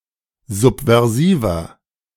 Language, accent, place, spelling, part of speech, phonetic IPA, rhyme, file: German, Germany, Berlin, subversiver, adjective, [ˌzupvɛʁˈziːvɐ], -iːvɐ, De-subversiver.ogg
- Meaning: 1. comparative degree of subversiv 2. inflection of subversiv: strong/mixed nominative masculine singular 3. inflection of subversiv: strong genitive/dative feminine singular